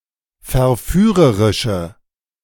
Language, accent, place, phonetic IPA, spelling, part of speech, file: German, Germany, Berlin, [fɛɐ̯ˈfyːʁəʁɪʃə], verführerische, adjective, De-verführerische.ogg
- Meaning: inflection of verführerisch: 1. strong/mixed nominative/accusative feminine singular 2. strong nominative/accusative plural 3. weak nominative all-gender singular